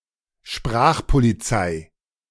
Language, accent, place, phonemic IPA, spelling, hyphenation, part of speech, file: German, Germany, Berlin, /ˈʃpʁaːxpoliˌt͡saɪ̯/, Sprachpolizei, Sprach‧po‧li‧zei, noun, De-Sprachpolizei.ogg
- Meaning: language police